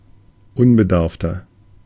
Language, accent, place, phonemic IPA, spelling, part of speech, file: German, Germany, Berlin, /ʊnˈzɛːklɪçɐ/, unbedarfter, adjective, De-unbedarfter.ogg
- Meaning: 1. comparative degree of unbedarft 2. inflection of unbedarft: strong/mixed nominative masculine singular 3. inflection of unbedarft: strong genitive/dative feminine singular